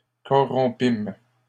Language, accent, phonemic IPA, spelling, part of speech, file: French, Canada, /kɔ.ʁɔ̃.pim/, corrompîmes, verb, LL-Q150 (fra)-corrompîmes.wav
- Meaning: first-person plural past historic of corrompre